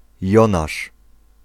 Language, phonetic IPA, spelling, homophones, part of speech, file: Polish, [ˈjɔ̃naʃ], Jonasz, jonasz, proper noun, Pl-Jonasz.ogg